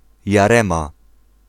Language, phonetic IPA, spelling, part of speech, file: Polish, [jaˈrɛ̃ma], Jarema, proper noun, Pl-Jarema.ogg